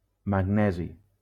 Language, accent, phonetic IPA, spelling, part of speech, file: Catalan, Valencia, [maŋˈnɛ.zi], magnesi, noun, LL-Q7026 (cat)-magnesi.wav
- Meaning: magnesium